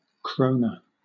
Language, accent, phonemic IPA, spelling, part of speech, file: English, Southern England, /ˈkɹəʊ.nə/, króna, noun, LL-Q1860 (eng)-króna.wav
- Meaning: 1. The currency of Iceland, divided into 100 aurar 2. The currency of the Faroe Islands, divided into 100 oyru